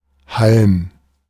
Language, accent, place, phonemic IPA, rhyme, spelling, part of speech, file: German, Germany, Berlin, /halm/, -alm, Halm, noun, De-Halm.ogg
- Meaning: stalk